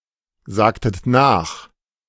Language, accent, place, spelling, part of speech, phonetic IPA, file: German, Germany, Berlin, sagtet nach, verb, [ˌzaːktət ˈnaːx], De-sagtet nach.ogg
- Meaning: inflection of nachsagen: 1. second-person plural preterite 2. second-person plural subjunctive II